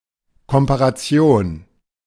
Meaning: comparison
- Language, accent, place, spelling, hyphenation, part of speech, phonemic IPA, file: German, Germany, Berlin, Komparation, Kom‧pa‧ra‧ti‧on, noun, /ˌkɔmpaʁaˈt͡si̯oːn/, De-Komparation.ogg